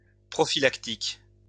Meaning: prophylactic
- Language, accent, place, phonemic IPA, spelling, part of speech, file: French, France, Lyon, /pʁɔ.fi.lak.tik/, prophylactique, adjective, LL-Q150 (fra)-prophylactique.wav